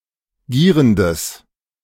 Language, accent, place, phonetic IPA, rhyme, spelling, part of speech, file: German, Germany, Berlin, [ˈɡiːʁəndəs], -iːʁəndəs, gierendes, adjective, De-gierendes.ogg
- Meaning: strong/mixed nominative/accusative neuter singular of gierend